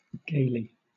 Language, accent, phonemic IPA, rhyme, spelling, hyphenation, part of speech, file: English, Southern England, /ˈɡeɪli/, -eɪli, gaily, gai‧ly, adverb, LL-Q1860 (eng)-gaily.wav
- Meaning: 1. Merrily 2. Showily